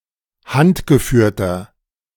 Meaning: inflection of handgeführt: 1. strong/mixed nominative masculine singular 2. strong genitive/dative feminine singular 3. strong genitive plural
- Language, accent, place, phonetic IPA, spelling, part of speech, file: German, Germany, Berlin, [ˈhantɡəˌfyːɐ̯tɐ], handgeführter, adjective, De-handgeführter.ogg